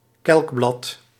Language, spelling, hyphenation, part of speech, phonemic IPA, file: Dutch, kelkblad, kelk‧blad, noun, /ˈkɛlk.blɑt/, Nl-kelkblad.ogg
- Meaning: sepal